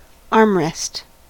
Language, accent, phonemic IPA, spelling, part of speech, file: English, US, /ˈɑɹmˌɹɛst/, armrest, noun, En-us-armrest.ogg
- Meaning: Part of the seat of a chair that is designed to support the arm